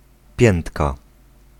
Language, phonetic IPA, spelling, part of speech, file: Polish, [ˈpʲjɛ̃ntka], piętka, noun, Pl-piętka.ogg